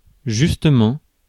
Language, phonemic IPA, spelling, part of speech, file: French, /ʒys.tə.mɑ̃/, justement, adverb, Fr-justement.ogg
- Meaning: 1. precisely, exactly; accurately 2. just (moments ago, recently), just then 3. actually, at that very moment 4. rightly, justly; fairly